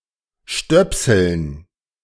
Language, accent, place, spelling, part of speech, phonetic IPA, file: German, Germany, Berlin, Stöpseln, noun, [ˈʃtœpsl̩n], De-Stöpseln.ogg
- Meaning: dative plural of Stöpsel